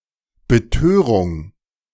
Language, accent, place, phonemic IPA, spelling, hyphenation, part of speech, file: German, Germany, Berlin, /bəˈtøːʁʊŋ/, Betörung, Be‧tö‧rung, noun, De-Betörung.ogg
- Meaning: infatuation